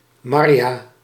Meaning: a female given name
- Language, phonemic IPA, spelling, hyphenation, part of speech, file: Dutch, /ˈmɑr.jaː/, Marja, Mar‧ja, proper noun, Nl-Marja.ogg